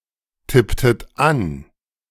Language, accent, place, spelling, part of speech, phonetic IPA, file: German, Germany, Berlin, tipptet an, verb, [ˌtɪptət ˈan], De-tipptet an.ogg
- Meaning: inflection of antippen: 1. second-person plural preterite 2. second-person plural subjunctive II